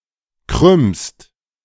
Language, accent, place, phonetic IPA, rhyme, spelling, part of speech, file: German, Germany, Berlin, [kʁʏmst], -ʏmst, krümmst, verb, De-krümmst.ogg
- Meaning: second-person singular present of krümmen